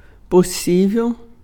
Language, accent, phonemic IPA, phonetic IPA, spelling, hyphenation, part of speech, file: Portuguese, Brazil, /poˈsi.vew/, [poˈsi.veʊ̯], possível, pos‧sí‧vel, adjective, Pt-possível.ogg
- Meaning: 1. possible 2. potential 3. likely 4. feasible